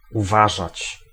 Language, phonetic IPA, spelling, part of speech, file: Polish, [uˈvaʒat͡ɕ], uważać, verb, Pl-uważać.ogg